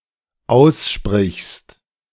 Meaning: second-person singular dependent present of aussprechen
- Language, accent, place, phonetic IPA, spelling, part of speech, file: German, Germany, Berlin, [ˈaʊ̯sˌʃpʁɪçst], aussprichst, verb, De-aussprichst.ogg